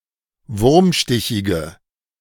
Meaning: inflection of wurmstichig: 1. strong/mixed nominative/accusative feminine singular 2. strong nominative/accusative plural 3. weak nominative all-gender singular
- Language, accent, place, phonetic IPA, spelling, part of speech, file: German, Germany, Berlin, [ˈvʊʁmˌʃtɪçɪɡə], wurmstichige, adjective, De-wurmstichige.ogg